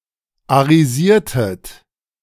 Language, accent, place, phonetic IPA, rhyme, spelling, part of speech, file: German, Germany, Berlin, [aʁiˈziːɐ̯tət], -iːɐ̯tət, arisiertet, verb, De-arisiertet.ogg
- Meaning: inflection of arisieren: 1. second-person plural preterite 2. second-person plural subjunctive II